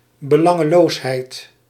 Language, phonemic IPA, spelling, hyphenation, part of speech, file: Dutch, /bəˈlɑ.ŋəˌloːs.ɦɛi̯t/, belangeloosheid, be‧lan‧ge‧loos‧heid, noun, Nl-belangeloosheid.ogg
- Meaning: selflessness